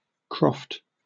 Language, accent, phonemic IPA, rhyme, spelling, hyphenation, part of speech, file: English, UK, /kɹɒft/, -ɒft, croft, croft, noun / verb, En-uk-croft.oga